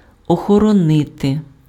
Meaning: to guard, to safeguard, to preserve, to protect, to defend
- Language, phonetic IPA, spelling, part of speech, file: Ukrainian, [ɔxɔrɔˈnɪte], охоронити, verb, Uk-охоронити.ogg